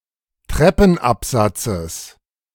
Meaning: genitive singular of Treppenabsatz
- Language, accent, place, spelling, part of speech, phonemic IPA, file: German, Germany, Berlin, Treppenabsatzes, noun, /ˈtrɛpn̩apzat͡səs/, De-Treppenabsatzes.ogg